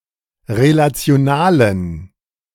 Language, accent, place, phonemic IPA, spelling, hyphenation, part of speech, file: German, Germany, Berlin, /ʁelat͡sɪ̯oˈnaːlən/, relationalen, re‧la‧ti‧o‧na‧len, adjective, De-relationalen.ogg
- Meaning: inflection of relational: 1. strong genitive masculine/neuter singular 2. weak/mixed genitive/dative all-gender singular 3. strong/weak/mixed accusative masculine singular 4. strong dative plural